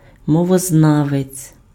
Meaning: 1. linguist 2. philologist
- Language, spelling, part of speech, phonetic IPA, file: Ukrainian, мовознавець, noun, [mɔwɔzˈnaʋet͡sʲ], Uk-мовознавець.ogg